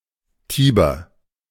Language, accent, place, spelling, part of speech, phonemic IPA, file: German, Germany, Berlin, Tiber, proper noun, /ˈtiːbɐ/, De-Tiber.ogg
- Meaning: Tiber (a major river in Emilia-Romagna, Tuscany, Umbria and Lazio, in central Italy, flowing through Rome)